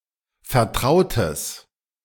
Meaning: strong/mixed nominative/accusative neuter singular of vertraut
- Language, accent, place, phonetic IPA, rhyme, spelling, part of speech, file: German, Germany, Berlin, [fɛɐ̯ˈtʁaʊ̯təs], -aʊ̯təs, vertrautes, adjective, De-vertrautes.ogg